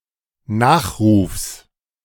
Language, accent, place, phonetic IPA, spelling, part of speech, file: German, Germany, Berlin, [ˈnaːxʁuːfs], Nachrufs, noun, De-Nachrufs.ogg
- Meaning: genitive singular of Nachruf